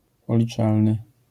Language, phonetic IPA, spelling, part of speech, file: Polish, [pɔlʲiˈt͡ʃalnɨ], policzalny, adjective, LL-Q809 (pol)-policzalny.wav